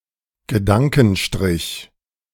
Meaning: en dash used to indicate a parenthesis or pause
- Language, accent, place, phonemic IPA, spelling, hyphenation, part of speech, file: German, Germany, Berlin, /ɡəˈdaŋkənˌʃtʁɪç/, Gedankenstrich, Ge‧dan‧ken‧strich, noun, De-Gedankenstrich.ogg